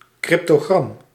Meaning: cryptic crossword (crossword puzzle with cryptic definitions)
- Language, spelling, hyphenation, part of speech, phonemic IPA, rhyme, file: Dutch, cryptogram, cryp‧to‧gram, noun, /ˌkrɪp.toːˈɣrɑm/, -ɑm, Nl-cryptogram.ogg